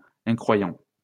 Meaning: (adjective) unbelieving; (noun) unbeliever, nonbeliever
- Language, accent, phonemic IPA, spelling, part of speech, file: French, France, /ɛ̃.kʁwa.jɑ̃/, incroyant, adjective / noun, LL-Q150 (fra)-incroyant.wav